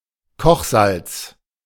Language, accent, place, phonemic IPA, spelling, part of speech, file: German, Germany, Berlin, /ˈkɔχˌzalt͡s/, Kochsalz, noun, De-Kochsalz.ogg
- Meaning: common salt (sodium chloride); table salt